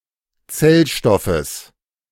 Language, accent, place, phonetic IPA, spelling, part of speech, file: German, Germany, Berlin, [ˈt͡sɛlˌʃtɔfəs], Zellstoffes, noun, De-Zellstoffes.ogg
- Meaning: genitive of Zellstoff